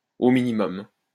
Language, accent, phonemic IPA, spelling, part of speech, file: French, France, /o mi.ni.mɔm/, au minimum, adverb, LL-Q150 (fra)-au minimum.wav
- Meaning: at least